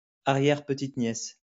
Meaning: great-grandniece
- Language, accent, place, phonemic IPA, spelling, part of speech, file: French, France, Lyon, /a.ʁjɛʁ.pə.tit.njɛs/, arrière-petite-nièce, noun, LL-Q150 (fra)-arrière-petite-nièce.wav